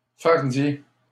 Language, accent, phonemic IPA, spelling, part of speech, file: French, Canada, /faʁ.dje/, fardier, noun, LL-Q150 (fra)-fardier.wav
- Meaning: trolley, dray